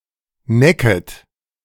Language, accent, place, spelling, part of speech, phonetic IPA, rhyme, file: German, Germany, Berlin, necket, verb, [ˈnɛkət], -ɛkət, De-necket.ogg
- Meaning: second-person plural subjunctive I of necken